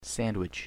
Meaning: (noun) A dish or foodstuff where at least one piece, but typically two or more pieces, of bread serves as the wrapper or container of some other food
- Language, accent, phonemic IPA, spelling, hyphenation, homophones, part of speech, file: English, US, /ˈsænˌ(d)wɪt͡ʃ/, sandwich, san‧dwich, SDCH, noun / verb / adjective, En-us-sandwich.ogg